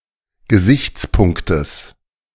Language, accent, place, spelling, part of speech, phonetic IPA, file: German, Germany, Berlin, Gesichtspunktes, noun, [ɡəˈzɪçt͡sˌpʊŋktəs], De-Gesichtspunktes.ogg
- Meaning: genitive singular of Gesichtspunkt